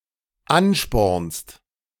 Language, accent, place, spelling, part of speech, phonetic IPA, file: German, Germany, Berlin, anspornst, verb, [ˈanˌʃpɔʁnst], De-anspornst.ogg
- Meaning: second-person singular dependent present of anspornen